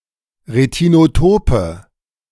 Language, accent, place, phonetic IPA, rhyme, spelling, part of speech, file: German, Germany, Berlin, [ʁetinoˈtoːpə], -oːpə, retinotope, adjective, De-retinotope.ogg
- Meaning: inflection of retinotop: 1. strong/mixed nominative/accusative feminine singular 2. strong nominative/accusative plural 3. weak nominative all-gender singular